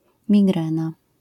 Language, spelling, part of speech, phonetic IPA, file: Polish, migrena, noun, [mʲiˈɡrɛ̃na], LL-Q809 (pol)-migrena.wav